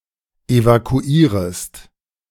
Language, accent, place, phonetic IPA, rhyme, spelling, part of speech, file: German, Germany, Berlin, [evakuˈiːʁəst], -iːʁəst, evakuierest, verb, De-evakuierest.ogg
- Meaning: second-person singular subjunctive I of evakuieren